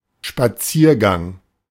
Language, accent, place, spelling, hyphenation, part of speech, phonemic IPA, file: German, Germany, Berlin, Spaziergang, Spa‧zier‧gang, noun, /ʃpaˈt͡siːɐ̯ˌɡaŋ/, De-Spaziergang.ogg
- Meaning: 1. walk (trip made by walking) 2. walk in the park